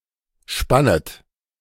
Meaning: second-person plural subjunctive I of spannen
- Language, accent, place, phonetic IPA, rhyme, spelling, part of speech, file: German, Germany, Berlin, [ˈʃpanət], -anət, spannet, verb, De-spannet.ogg